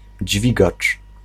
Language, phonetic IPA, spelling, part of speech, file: Polish, [ˈd͡ʑvʲiɡat͡ʃ], dźwigacz, noun, Pl-dźwigacz.ogg